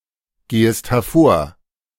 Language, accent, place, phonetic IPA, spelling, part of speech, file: German, Germany, Berlin, [ˌɡeːəst hɛɐ̯ˈfoːɐ̯], gehest hervor, verb, De-gehest hervor.ogg
- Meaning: second-person singular subjunctive I of hervorgehen